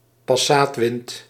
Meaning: a trade wind in the Atlantic or Indian Ocean; usually an easterly in the tropics when not qualified otherwise
- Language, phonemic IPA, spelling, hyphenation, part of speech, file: Dutch, /pɑˈsaːtˌʋɪnt/, passaatwind, pas‧saat‧wind, noun, Nl-passaatwind.ogg